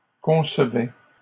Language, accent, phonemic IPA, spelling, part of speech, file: French, Canada, /kɔ̃s.vɛ/, concevais, verb, LL-Q150 (fra)-concevais.wav
- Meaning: first/second-person singular imperfect indicative of concevoir